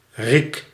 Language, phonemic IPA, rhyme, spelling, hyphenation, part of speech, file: Dutch, /rik/, -ik, riek, riek, noun / verb, Nl-riek.ogg
- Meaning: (noun) pitchfork; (verb) inflection of rieken: 1. first-person singular present indicative 2. second-person singular present indicative 3. imperative